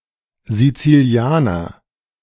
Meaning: Sicilian (person from Sicily)
- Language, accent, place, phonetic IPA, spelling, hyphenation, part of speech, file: German, Germany, Berlin, [zit͡siˈli̯aːnɐ], Sizilianer, Si‧zi‧li‧a‧ner, noun, De-Sizilianer.ogg